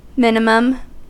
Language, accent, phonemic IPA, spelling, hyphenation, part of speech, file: English, General American, /ˈmɪnəməm/, minimum, min‧i‧mum, noun / adjective, En-us-minimum.ogg
- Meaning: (noun) 1. The lowest limit 2. The smallest amount 3. A period of minimum brightness or energy intensity (of a star) 4. A lower bound of a set which is also an element of that set